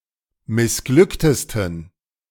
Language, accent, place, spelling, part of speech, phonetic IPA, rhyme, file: German, Germany, Berlin, missglücktesten, adjective, [mɪsˈɡlʏktəstn̩], -ʏktəstn̩, De-missglücktesten.ogg
- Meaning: 1. superlative degree of missglückt 2. inflection of missglückt: strong genitive masculine/neuter singular superlative degree